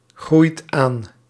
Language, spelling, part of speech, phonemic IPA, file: Dutch, groeit aan, verb, /ˈɣrujt ˈan/, Nl-groeit aan.ogg
- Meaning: inflection of aangroeien: 1. second/third-person singular present indicative 2. plural imperative